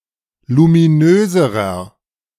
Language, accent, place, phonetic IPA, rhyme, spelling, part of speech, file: German, Germany, Berlin, [lumiˈnøːzəʁɐ], -øːzəʁɐ, luminöserer, adjective, De-luminöserer.ogg
- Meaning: inflection of luminös: 1. strong/mixed nominative masculine singular comparative degree 2. strong genitive/dative feminine singular comparative degree 3. strong genitive plural comparative degree